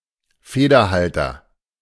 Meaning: penholder, pen
- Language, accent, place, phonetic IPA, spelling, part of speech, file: German, Germany, Berlin, [ˈfeːdɐˌhaltɐ], Federhalter, noun, De-Federhalter.ogg